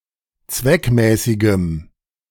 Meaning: strong dative masculine/neuter singular of zweckmäßig
- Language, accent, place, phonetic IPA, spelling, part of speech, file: German, Germany, Berlin, [ˈt͡svɛkˌmɛːsɪɡəm], zweckmäßigem, adjective, De-zweckmäßigem.ogg